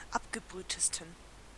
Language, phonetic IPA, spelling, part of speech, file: German, [ˈapɡəˌbʁyːtəstn̩], abgebrühtesten, adjective, De-abgebrühtesten.ogg
- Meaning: 1. superlative degree of abgebrüht 2. inflection of abgebrüht: strong genitive masculine/neuter singular superlative degree